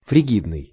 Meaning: frigid (sexually unresponsive, especially of a woman)
- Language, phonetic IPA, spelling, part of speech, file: Russian, [frʲɪˈɡʲidnɨj], фригидный, adjective, Ru-фригидный.ogg